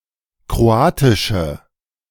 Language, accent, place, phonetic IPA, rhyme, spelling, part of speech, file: German, Germany, Berlin, [kʁoˈaːtɪʃə], -aːtɪʃə, kroatische, adjective, De-kroatische.ogg
- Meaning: inflection of kroatisch: 1. strong/mixed nominative/accusative feminine singular 2. strong nominative/accusative plural 3. weak nominative all-gender singular